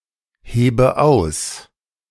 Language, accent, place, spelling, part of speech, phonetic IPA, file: German, Germany, Berlin, hebe aus, verb, [ˌheːbə ˈaʊ̯s], De-hebe aus.ogg
- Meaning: inflection of ausheben: 1. first-person singular present 2. first/third-person singular subjunctive I 3. singular imperative